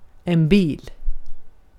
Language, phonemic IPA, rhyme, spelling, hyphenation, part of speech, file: Swedish, /biːl/, -iːl, bil, bil, noun, Sv-bil.ogg
- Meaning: 1. a car (automobile) 2. a truck (considered a subcategory in Swedish) 3. a van (considered a subcategory in Swedish)